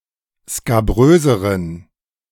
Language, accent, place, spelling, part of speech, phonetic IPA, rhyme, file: German, Germany, Berlin, skabröseren, adjective, [skaˈbʁøːzəʁən], -øːzəʁən, De-skabröseren.ogg
- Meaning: inflection of skabrös: 1. strong genitive masculine/neuter singular comparative degree 2. weak/mixed genitive/dative all-gender singular comparative degree